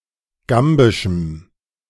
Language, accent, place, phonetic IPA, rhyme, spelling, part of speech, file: German, Germany, Berlin, [ˈɡambɪʃm̩], -ambɪʃm̩, gambischem, adjective, De-gambischem.ogg
- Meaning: strong dative masculine/neuter singular of gambisch